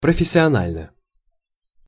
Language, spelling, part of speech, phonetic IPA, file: Russian, профессионально, adverb / adjective, [prəfʲɪsʲɪɐˈnalʲnə], Ru-профессионально.ogg
- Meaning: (adverb) professionally; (adjective) short neuter singular of профессиона́льный (professionálʹnyj)